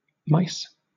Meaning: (noun) plural of mouse; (verb) To be distracted or inattentive (possibly alluding to a cat being distracted by a mouse)
- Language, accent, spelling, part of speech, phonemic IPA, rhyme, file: English, Southern England, mice, noun / verb, /maɪs/, -aɪs, LL-Q1860 (eng)-mice.wav